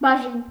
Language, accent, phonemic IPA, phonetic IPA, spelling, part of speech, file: Armenian, Eastern Armenian, /bɑˈʒin/, [bɑʒín], բաժին, noun, Hy-բաժին.ogg
- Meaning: 1. share, portion 2. department, division, sector